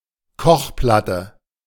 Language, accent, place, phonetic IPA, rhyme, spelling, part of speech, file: German, Germany, Berlin, [ˈkɔxˌplatə], -ɔxplatə, Kochplatte, noun, De-Kochplatte.ogg
- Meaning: 1. a hot plate 2. a ring on a hob / burner on a stovetop